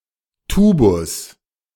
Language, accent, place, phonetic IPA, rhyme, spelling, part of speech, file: German, Germany, Berlin, [ˈtuːbʊs], -uːbʊs, Tubus, noun, De-Tubus.ogg
- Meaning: tube (hollow cylinder) especially such a part of an optical instrument